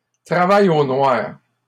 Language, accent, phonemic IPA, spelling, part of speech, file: French, Canada, /tʁa.va.j‿o nwaʁ/, travail au noir, noun, LL-Q150 (fra)-travail au noir.wav
- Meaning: moonlighting, undeclared work